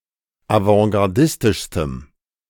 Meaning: strong dative masculine/neuter singular superlative degree of avantgardistisch
- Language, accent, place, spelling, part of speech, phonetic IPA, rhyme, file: German, Germany, Berlin, avantgardistischstem, adjective, [avɑ̃ɡaʁˈdɪstɪʃstəm], -ɪstɪʃstəm, De-avantgardistischstem.ogg